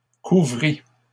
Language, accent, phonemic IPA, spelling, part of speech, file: French, Canada, /ku.vʁi/, couvris, verb, LL-Q150 (fra)-couvris.wav
- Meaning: first/second-person singular past historic of couvrir